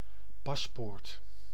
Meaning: 1. passport, official document, notably granting right of passage 2. dismissal from military service 3. ticket, solution
- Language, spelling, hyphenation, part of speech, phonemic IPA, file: Dutch, paspoort, pas‧poort, noun, /ˈpɑsˌpoːrt/, Nl-paspoort.ogg